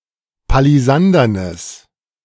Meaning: strong/mixed nominative/accusative neuter singular of palisandern
- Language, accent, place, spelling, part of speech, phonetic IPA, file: German, Germany, Berlin, palisandernes, adjective, [paliˈzandɐnəs], De-palisandernes.ogg